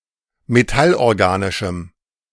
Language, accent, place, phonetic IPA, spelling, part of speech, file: German, Germany, Berlin, [meˈtalʔɔʁˌɡaːnɪʃm̩], metallorganischem, adjective, De-metallorganischem.ogg
- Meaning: strong dative masculine/neuter singular of metallorganisch